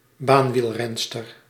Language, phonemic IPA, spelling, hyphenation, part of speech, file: Dutch, /ˈbaːn.ʋilˌrɛn.stər/, baanwielrenster, baan‧wiel‧ren‧ster, noun, Nl-baanwielrenster.ogg
- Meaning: female track cyclist